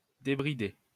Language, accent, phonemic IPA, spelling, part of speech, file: French, France, /de.bʁi.de/, débrider, verb, LL-Q150 (fra)-débrider.wav
- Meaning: 1. to unbridle, to unharness 2. to jailbreak (a mobile phone) 3. to soup up a motor